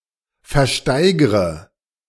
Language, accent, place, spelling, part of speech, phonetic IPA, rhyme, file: German, Germany, Berlin, versteigre, verb, [fɛɐ̯ˈʃtaɪ̯ɡʁə], -aɪ̯ɡʁə, De-versteigre.ogg
- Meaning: inflection of versteigern: 1. first-person singular present 2. first/third-person singular subjunctive I 3. singular imperative